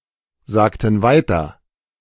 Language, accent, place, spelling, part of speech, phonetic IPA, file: German, Germany, Berlin, sagten weiter, verb, [ˌzaːktn̩ ˈvaɪ̯tɐ], De-sagten weiter.ogg
- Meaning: inflection of weitersagen: 1. first/third-person plural preterite 2. first/third-person plural subjunctive II